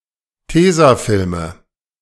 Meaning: nominative/accusative/genitive plural of Tesafilm
- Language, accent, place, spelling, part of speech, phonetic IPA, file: German, Germany, Berlin, Tesafilme, noun, [ˈteːzaˌfɪlmə], De-Tesafilme.ogg